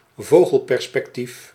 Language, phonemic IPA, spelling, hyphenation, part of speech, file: Dutch, /ˈvoː.ɣəl.pɛr.spɛkˌtif/, vogelperspectief, vo‧gel‧per‧spec‧tief, noun, Nl-vogelperspectief.ogg
- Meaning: a bird's-eye view (top-down or isometric perspective)